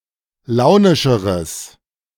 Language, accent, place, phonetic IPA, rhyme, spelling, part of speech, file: German, Germany, Berlin, [ˈlaʊ̯nɪʃəʁəs], -aʊ̯nɪʃəʁəs, launischeres, adjective, De-launischeres.ogg
- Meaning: strong/mixed nominative/accusative neuter singular comparative degree of launisch